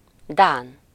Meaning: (adjective) Danish (of or pertaining to Denmark, its people or language); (noun) 1. Danish (person) 2. Danish (language)
- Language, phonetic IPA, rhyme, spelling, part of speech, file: Hungarian, [ˈdaːn], -aːn, dán, adjective / noun, Hu-dán.ogg